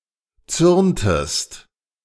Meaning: inflection of zürnen: 1. second-person singular preterite 2. second-person singular subjunctive II
- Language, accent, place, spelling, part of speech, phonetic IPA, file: German, Germany, Berlin, zürntest, verb, [ˈt͡sʏʁntəst], De-zürntest.ogg